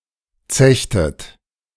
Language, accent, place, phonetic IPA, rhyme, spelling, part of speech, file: German, Germany, Berlin, [ˈt͡sɛçtət], -ɛçtət, zechtet, verb, De-zechtet.ogg
- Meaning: inflection of zechen: 1. second-person plural preterite 2. second-person plural subjunctive II